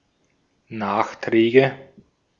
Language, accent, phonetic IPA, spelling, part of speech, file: German, Austria, [ˈnaːxˌtʁɛːɡə], Nachträge, noun, De-at-Nachträge.ogg
- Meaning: nominative/accusative/genitive plural of Nachtrag